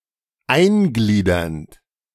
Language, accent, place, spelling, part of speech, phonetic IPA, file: German, Germany, Berlin, eingliedernd, verb, [ˈaɪ̯nˌɡliːdɐnt], De-eingliedernd.ogg
- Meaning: present participle of eingliedern